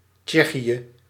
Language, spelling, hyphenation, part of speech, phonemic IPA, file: Dutch, Tsjechië, Tsje‧chië, proper noun, /ˈtʃɛ.xi.(j)ə/, Nl-Tsjechië.ogg
- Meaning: Czech Republic, Czechia (a country in Central Europe)